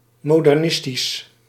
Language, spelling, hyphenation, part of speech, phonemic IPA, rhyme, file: Dutch, modernistisch, mo‧der‧nis‧tisch, adjective, /ˌmoː.dɛrˈnɪs.tis/, -ɪstis, Nl-modernistisch.ogg
- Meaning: modernist